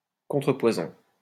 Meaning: antidote
- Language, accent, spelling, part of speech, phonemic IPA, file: French, France, contrepoison, noun, /kɔ̃.tʁə.pwa.zɔ̃/, LL-Q150 (fra)-contrepoison.wav